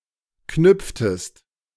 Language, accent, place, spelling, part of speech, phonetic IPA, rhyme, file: German, Germany, Berlin, knüpftest, verb, [ˈknʏp͡ftəst], -ʏp͡ftəst, De-knüpftest.ogg
- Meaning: inflection of knüpfen: 1. second-person singular preterite 2. second-person singular subjunctive II